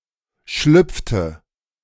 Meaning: inflection of schlüpfen: 1. first/third-person singular preterite 2. first/third-person singular subjunctive II
- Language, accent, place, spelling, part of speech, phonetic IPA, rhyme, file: German, Germany, Berlin, schlüpfte, verb, [ˈʃlʏp͡ftə], -ʏp͡ftə, De-schlüpfte.ogg